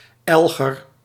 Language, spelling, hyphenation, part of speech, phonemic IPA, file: Dutch, elger, el‧ger, noun, /ˈɛl.ɣər/, Nl-elger.ogg
- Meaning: spear for fishing eel